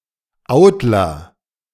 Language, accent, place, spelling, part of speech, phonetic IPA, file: German, Germany, Berlin, Autler, noun, [ˈaʊ̯tlɐ], De-Autler.ogg
- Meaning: driver (of a motor vehicle)